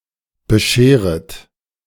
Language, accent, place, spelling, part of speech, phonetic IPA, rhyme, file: German, Germany, Berlin, bescheret, verb, [bəˈʃeːʁət], -eːʁət, De-bescheret.ogg
- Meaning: second-person plural subjunctive I of bescheren